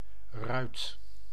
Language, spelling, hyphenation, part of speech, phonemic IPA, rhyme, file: Dutch, ruit, ruit, noun / verb, /rœy̯t/, -œy̯t, Nl-ruit.ogg
- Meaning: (noun) 1. the shape rhombus, an equilateral parallelogram 2. a lozenge 3. a diamond; mostly used in the plural for that card suit 4. a glass panel (as) in a window; hence, the whole window